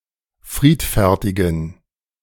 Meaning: inflection of friedfertig: 1. strong genitive masculine/neuter singular 2. weak/mixed genitive/dative all-gender singular 3. strong/weak/mixed accusative masculine singular 4. strong dative plural
- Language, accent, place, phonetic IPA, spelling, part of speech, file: German, Germany, Berlin, [ˈfʁiːtfɛʁtɪɡn̩], friedfertigen, adjective, De-friedfertigen.ogg